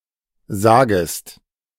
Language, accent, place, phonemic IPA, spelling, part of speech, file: German, Germany, Berlin, /ˈzaːɡəst/, sagest, verb, De-sagest.ogg
- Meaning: second-person singular subjunctive I of sagen